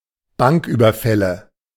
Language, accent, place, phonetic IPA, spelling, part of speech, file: German, Germany, Berlin, [ˈbaŋkˌʔyːbɐfɛlə], Banküberfälle, noun, De-Banküberfälle.ogg
- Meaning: nominative/accusative/genitive plural of Banküberfall